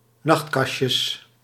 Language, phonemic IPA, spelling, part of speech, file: Dutch, /ˈnɑxtkɑʃəs/, nachtkastjes, noun, Nl-nachtkastjes.ogg
- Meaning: plural of nachtkastje